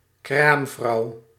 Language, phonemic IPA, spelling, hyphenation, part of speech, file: Dutch, /ˈkraːm.vrɑu̯/, kraamvrouw, kraam‧vrouw, noun, Nl-kraamvrouw.ogg
- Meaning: woman in childbirth, delivering mother